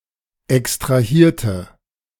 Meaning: inflection of extrahieren: 1. first/third-person singular preterite 2. first/third-person singular subjunctive II
- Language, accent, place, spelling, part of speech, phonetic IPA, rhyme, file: German, Germany, Berlin, extrahierte, adjective / verb, [ɛkstʁaˈhiːɐ̯tə], -iːɐ̯tə, De-extrahierte.ogg